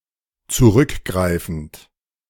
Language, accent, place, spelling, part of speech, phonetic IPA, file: German, Germany, Berlin, zurückgreifend, verb, [t͡suˈʁʏkˌɡʁaɪ̯fn̩t], De-zurückgreifend.ogg
- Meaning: present participle of zurückgreifen